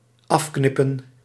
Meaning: to cut off
- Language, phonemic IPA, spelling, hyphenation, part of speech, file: Dutch, /ˈɑfˌknɪ.pə(n)/, afknippen, af‧knip‧pen, verb, Nl-afknippen.ogg